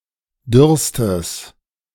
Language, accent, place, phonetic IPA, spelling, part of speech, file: German, Germany, Berlin, [ˈdʏʁstəs], dürrstes, adjective, De-dürrstes.ogg
- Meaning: strong/mixed nominative/accusative neuter singular superlative degree of dürr